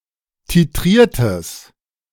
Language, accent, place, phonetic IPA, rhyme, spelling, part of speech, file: German, Germany, Berlin, [tiˈtʁiːɐ̯təs], -iːɐ̯təs, titriertes, adjective, De-titriertes.ogg
- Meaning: strong/mixed nominative/accusative neuter singular of titriert